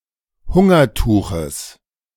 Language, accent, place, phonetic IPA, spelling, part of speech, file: German, Germany, Berlin, [ˈhʊŋɐˌtuːxəs], Hungertuches, noun, De-Hungertuches.ogg
- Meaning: genitive singular of Hungertuch